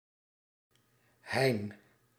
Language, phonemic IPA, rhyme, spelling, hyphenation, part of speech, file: Dutch, /ɦɛi̯n/, -ɛi̯n, Hein, Hein, proper noun, Nl-Hein.ogg
- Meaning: a male given name